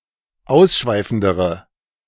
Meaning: inflection of ausschweifend: 1. strong/mixed nominative/accusative feminine singular comparative degree 2. strong nominative/accusative plural comparative degree
- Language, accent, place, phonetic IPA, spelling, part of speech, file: German, Germany, Berlin, [ˈaʊ̯sˌʃvaɪ̯fn̩dəʁə], ausschweifendere, adjective, De-ausschweifendere.ogg